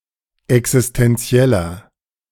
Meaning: 1. comparative degree of existenziell 2. inflection of existenziell: strong/mixed nominative masculine singular 3. inflection of existenziell: strong genitive/dative feminine singular
- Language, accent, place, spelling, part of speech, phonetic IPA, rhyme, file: German, Germany, Berlin, existenzieller, adjective, [ɛksɪstɛnˈt͡si̯ɛlɐ], -ɛlɐ, De-existenzieller.ogg